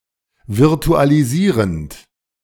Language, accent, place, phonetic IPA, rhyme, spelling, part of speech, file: German, Germany, Berlin, [vɪʁtualiˈziːʁənt], -iːʁənt, virtualisierend, verb, De-virtualisierend.ogg
- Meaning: present participle of virtualisieren